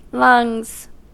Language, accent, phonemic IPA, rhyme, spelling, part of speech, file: English, US, /lʌŋz/, -ʌŋz, lungs, noun, En-us-lungs.ogg
- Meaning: plural of lung